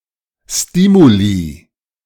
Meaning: plural of Stimulus
- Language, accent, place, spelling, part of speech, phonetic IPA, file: German, Germany, Berlin, Stimuli, noun, [ˈstiːmuli], De-Stimuli.ogg